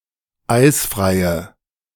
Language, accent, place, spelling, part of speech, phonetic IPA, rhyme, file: German, Germany, Berlin, eisfreie, adjective, [ˈaɪ̯sfʁaɪ̯ə], -aɪ̯sfʁaɪ̯ə, De-eisfreie.ogg
- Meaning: inflection of eisfrei: 1. strong/mixed nominative/accusative feminine singular 2. strong nominative/accusative plural 3. weak nominative all-gender singular 4. weak accusative feminine/neuter singular